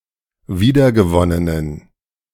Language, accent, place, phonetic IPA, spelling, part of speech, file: German, Germany, Berlin, [ˈviːdɐɡəˌvɔnənən], wiedergewonnenen, adjective, De-wiedergewonnenen.ogg
- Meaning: inflection of wiedergewonnen: 1. strong genitive masculine/neuter singular 2. weak/mixed genitive/dative all-gender singular 3. strong/weak/mixed accusative masculine singular 4. strong dative plural